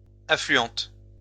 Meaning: feminine singular of affluent
- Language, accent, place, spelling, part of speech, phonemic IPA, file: French, France, Lyon, affluente, adjective, /a.fly.ɑ̃t/, LL-Q150 (fra)-affluente.wav